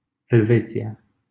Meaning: Switzerland (a country in Western Europe and Central Europe)
- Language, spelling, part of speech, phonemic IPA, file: Romanian, Elveția, proper noun, /elˈve.t͡si.(j)a/, LL-Q7913 (ron)-Elveția.wav